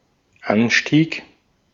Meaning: 1. increase, rise, surge 2. ascent 3. slope
- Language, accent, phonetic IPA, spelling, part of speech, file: German, Austria, [ˈanˌʃtiːk], Anstieg, noun, De-at-Anstieg.ogg